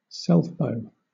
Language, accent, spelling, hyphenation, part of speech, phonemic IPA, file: English, Southern England, selfbow, self‧bow, noun, /ˈsɛlfbəʊ/, LL-Q1860 (eng)-selfbow.wav
- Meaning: A bow made from a single piece of wood (often referred to as a bow stave)